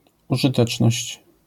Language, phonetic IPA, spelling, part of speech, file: Polish, [ˌuʒɨˈtɛt͡ʃnɔɕt͡ɕ], użyteczność, noun, LL-Q809 (pol)-użyteczność.wav